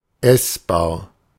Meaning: edible (that can be eaten without harm; suitable for consumption)
- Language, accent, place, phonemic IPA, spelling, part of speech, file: German, Germany, Berlin, /ˈɛsbaːɐ̯/, essbar, adjective, De-essbar.ogg